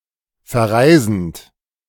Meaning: present participle of verreisen
- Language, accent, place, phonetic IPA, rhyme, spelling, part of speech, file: German, Germany, Berlin, [fɛɐ̯ˈʁaɪ̯zn̩t], -aɪ̯zn̩t, verreisend, verb, De-verreisend.ogg